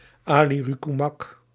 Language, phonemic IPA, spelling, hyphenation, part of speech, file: Dutch, /aː.li.roː.ky.mɑp/, alirocumab, ali‧ro‧cu‧mab, noun, Nl-alirocumab.ogg
- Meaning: alirocumab